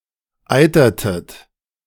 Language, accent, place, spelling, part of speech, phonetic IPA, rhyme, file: German, Germany, Berlin, eitertet, verb, [ˈaɪ̯tɐtət], -aɪ̯tɐtət, De-eitertet.ogg
- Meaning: inflection of eitern: 1. second-person plural preterite 2. second-person plural subjunctive II